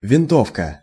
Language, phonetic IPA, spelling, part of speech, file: Russian, [vʲɪnˈtofkə], винтовка, noun, Ru-винтовка.ogg
- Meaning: rifle